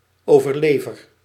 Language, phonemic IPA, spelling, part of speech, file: Dutch, /ˌovərˈlevər/, overlever, noun / verb, Nl-overlever.ogg
- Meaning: first-person singular dependent-clause present indicative of overleveren